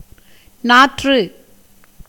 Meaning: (noun) seedlings reared for transplantation; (verb) 1. to hang, suspend 2. to hang a person
- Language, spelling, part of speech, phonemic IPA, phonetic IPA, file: Tamil, நாற்று, noun / verb, /nɑːrːɯ/, [näːtrɯ], Ta-நாற்று.ogg